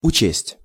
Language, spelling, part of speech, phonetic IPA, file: Russian, учесть, verb, [ʊˈt͡ɕesʲtʲ], Ru-учесть.ogg
- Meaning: to take into account, to take into consideration, to appreciate (to be aware of)